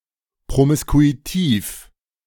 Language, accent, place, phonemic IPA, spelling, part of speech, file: German, Germany, Berlin, /pʁomɪskuiˈtiːf/, promiskuitiv, adjective, De-promiskuitiv.ogg
- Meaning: promiscuous